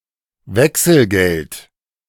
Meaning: change (small denominations of money given in exchange for a larger denomination)
- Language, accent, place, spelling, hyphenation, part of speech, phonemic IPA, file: German, Germany, Berlin, Wechselgeld, Wech‧sel‧geld, noun, /ˈvɛksl̩ˌɡɛlt/, De-Wechselgeld.ogg